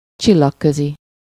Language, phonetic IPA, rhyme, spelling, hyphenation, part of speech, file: Hungarian, [ˈt͡ʃilːɒkːøzi], -zi, csillagközi, csil‧lag‧kö‧zi, adjective, Hu-csillagközi.ogg
- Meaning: interstellar